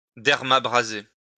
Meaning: to perform dermabrasion
- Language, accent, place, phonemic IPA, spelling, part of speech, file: French, France, Lyon, /dɛʁ.ma.bʁa.ze/, dermabraser, verb, LL-Q150 (fra)-dermabraser.wav